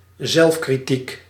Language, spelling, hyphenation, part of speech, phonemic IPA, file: Dutch, zelfkritiek, zelf‧kri‧tiek, noun, /ˈzɛlf.kriˌtik/, Nl-zelfkritiek.ogg
- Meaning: self-criticism